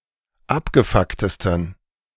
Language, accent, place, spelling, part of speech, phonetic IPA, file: German, Germany, Berlin, abgefucktesten, adjective, [ˈapɡəˌfaktəstn̩], De-abgefucktesten.ogg
- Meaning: 1. superlative degree of abgefuckt 2. inflection of abgefuckt: strong genitive masculine/neuter singular superlative degree